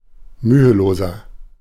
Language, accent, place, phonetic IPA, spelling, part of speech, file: German, Germany, Berlin, [ˈmyːəˌloːzɐ], müheloser, adjective, De-müheloser.ogg
- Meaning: inflection of mühelos: 1. strong/mixed nominative masculine singular 2. strong genitive/dative feminine singular 3. strong genitive plural